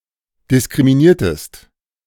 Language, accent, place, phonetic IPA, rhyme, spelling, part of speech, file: German, Germany, Berlin, [dɪskʁimiˈniːɐ̯təst], -iːɐ̯təst, diskriminiertest, verb, De-diskriminiertest.ogg
- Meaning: inflection of diskriminieren: 1. second-person singular preterite 2. second-person singular subjunctive II